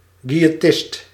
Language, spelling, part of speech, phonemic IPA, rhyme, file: Dutch, quiëtist, noun, /ˌkʋi.eːˈtɪst/, -ɪst, Nl-quiëtist.ogg
- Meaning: quietist